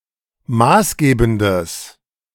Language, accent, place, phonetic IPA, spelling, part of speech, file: German, Germany, Berlin, [ˈmaːsˌɡeːbn̩dəs], maßgebendes, adjective, De-maßgebendes.ogg
- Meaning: strong/mixed nominative/accusative neuter singular of maßgebend